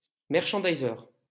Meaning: to optimize the profitability of a point of sale and of its merchandise
- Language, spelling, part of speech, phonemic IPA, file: French, merchandiser, verb, /mɛʁ.ʃɑ̃.di.ze/, LL-Q150 (fra)-merchandiser.wav